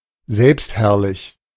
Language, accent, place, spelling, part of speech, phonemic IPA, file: German, Germany, Berlin, selbstherrlich, adjective, /ˈzɛlpstˌhɛʁlɪç/, De-selbstherrlich.ogg
- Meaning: self-opinionated; autocratic, high-handed